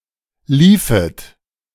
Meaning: second-person plural subjunctive II of laufen
- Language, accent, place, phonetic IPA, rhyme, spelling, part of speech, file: German, Germany, Berlin, [ˈliːfət], -iːfət, liefet, verb, De-liefet.ogg